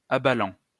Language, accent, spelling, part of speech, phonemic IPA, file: French, France, abalant, verb, /a.ba.lɑ̃/, LL-Q150 (fra)-abalant.wav
- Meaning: present participle of abaler